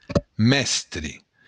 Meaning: 1. master 2. mainsail
- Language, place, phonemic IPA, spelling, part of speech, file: Occitan, Béarn, /ˈmɛs.tre/, mèstre, noun, LL-Q14185 (oci)-mèstre.wav